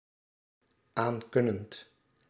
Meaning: present participle of aankunnen
- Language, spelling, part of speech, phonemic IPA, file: Dutch, aankunnend, verb, /ˈaŋkʏnənt/, Nl-aankunnend.ogg